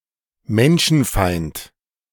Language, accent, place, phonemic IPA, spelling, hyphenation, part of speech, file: German, Germany, Berlin, /ˈmɛnʃn̩ˌfaɪ̯nt/, Menschenfeind, Men‧schen‧feind, noun, De-Menschenfeind.ogg
- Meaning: misanthrope (male or of unspecified gender)